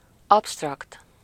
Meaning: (adjective) 1. abstract (not concrete: conceptual, ideal) 2. abstract (difficult to understand; abstruse; hard to conceptualize)
- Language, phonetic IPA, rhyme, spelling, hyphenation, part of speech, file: Hungarian, [ˈɒpstrɒkt], -ɒkt, absztrakt, abszt‧rakt, adjective / noun, Hu-absztrakt.ogg